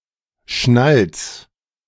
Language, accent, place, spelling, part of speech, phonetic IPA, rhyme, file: German, Germany, Berlin, schnalz, verb, [ʃnalt͡s], -alt͡s, De-schnalz.ogg
- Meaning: 1. singular imperative of schnalzen 2. first-person singular present of schnalzen